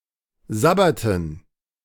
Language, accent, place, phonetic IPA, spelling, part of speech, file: German, Germany, Berlin, [ˈzabatn̩], Sabbaten, noun, De-Sabbaten.ogg
- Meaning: dative plural of Sabbat